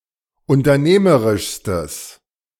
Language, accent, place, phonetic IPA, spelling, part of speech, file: German, Germany, Berlin, [ʊntɐˈneːməʁɪʃstəs], unternehmerischstes, adjective, De-unternehmerischstes.ogg
- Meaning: strong/mixed nominative/accusative neuter singular superlative degree of unternehmerisch